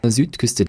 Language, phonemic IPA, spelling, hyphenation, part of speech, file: German, /ˈzyːtˌkʏstə/, Südküste, Süd‧küs‧te, noun, De-Südküste.ogg
- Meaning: south coast